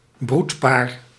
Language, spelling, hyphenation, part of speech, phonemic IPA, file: Dutch, broedpaar, broed‧paar, noun, /ˈbrut.paːr/, Nl-broedpaar.ogg
- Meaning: a breeding pair of egg-laying animals